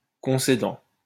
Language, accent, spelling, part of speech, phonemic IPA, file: French, France, concédant, verb, /kɔ̃.se.dɑ̃/, LL-Q150 (fra)-concédant.wav
- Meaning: present participle of concéder